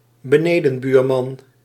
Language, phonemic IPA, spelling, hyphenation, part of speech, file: Dutch, /bəˈneː.də(n)ˌbyːr.mɑn/, benedenbuurman, be‧ne‧den‧buur‧man, noun, Nl-benedenbuurman.ogg
- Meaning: male downstairs neighbour